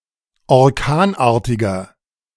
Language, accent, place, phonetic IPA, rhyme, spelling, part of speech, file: German, Germany, Berlin, [ɔʁˈkaːnˌʔaːɐ̯tɪɡɐ], -aːnʔaːɐ̯tɪɡɐ, orkanartiger, adjective, De-orkanartiger.ogg
- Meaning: inflection of orkanartig: 1. strong/mixed nominative masculine singular 2. strong genitive/dative feminine singular 3. strong genitive plural